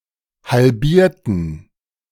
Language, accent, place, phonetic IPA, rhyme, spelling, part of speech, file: German, Germany, Berlin, [halˈbiːɐ̯tn̩], -iːɐ̯tn̩, halbierten, adjective / verb, De-halbierten.ogg
- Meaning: inflection of halbieren: 1. first/third-person plural preterite 2. first/third-person plural subjunctive II